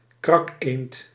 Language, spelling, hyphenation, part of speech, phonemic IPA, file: Dutch, krakeend, krak‧eend, noun, /ˈkrɑk.eːnt/, Nl-krakeend.ogg
- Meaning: gadwall (Mareca strepera)